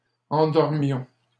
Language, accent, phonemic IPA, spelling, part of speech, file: French, Canada, /ɑ̃.dɔʁ.mjɔ̃/, endormions, verb, LL-Q150 (fra)-endormions.wav
- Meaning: inflection of endormir: 1. first-person plural imperfect indicative 2. first-person plural present subjunctive